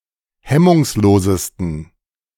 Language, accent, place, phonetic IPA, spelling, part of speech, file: German, Germany, Berlin, [ˈhɛmʊŋsˌloːzəstn̩], hemmungslosesten, adjective, De-hemmungslosesten.ogg
- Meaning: 1. superlative degree of hemmungslos 2. inflection of hemmungslos: strong genitive masculine/neuter singular superlative degree